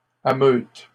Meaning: third-person plural present indicative/subjunctive of ameuter
- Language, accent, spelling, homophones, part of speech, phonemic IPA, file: French, Canada, ameutent, ameute / ameutes, verb, /a.møt/, LL-Q150 (fra)-ameutent.wav